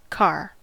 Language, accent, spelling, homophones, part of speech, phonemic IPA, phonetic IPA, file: English, General American, car, carr / Carr / Karr, noun, /kɑɹ/, [kʰɑ̝͗ɹ], En-us-car.ogg